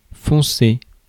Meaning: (adjective) dark (having a dark shade); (verb) past participle of foncer
- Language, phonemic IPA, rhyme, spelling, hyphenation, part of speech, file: French, /fɔ̃.se/, -e, foncé, fon‧cé, adjective / verb, Fr-foncé.ogg